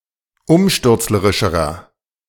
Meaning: inflection of umstürzlerisch: 1. strong/mixed nominative masculine singular comparative degree 2. strong genitive/dative feminine singular comparative degree
- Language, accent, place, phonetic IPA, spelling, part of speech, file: German, Germany, Berlin, [ˈʊmʃtʏʁt͡sləʁɪʃəʁɐ], umstürzlerischerer, adjective, De-umstürzlerischerer.ogg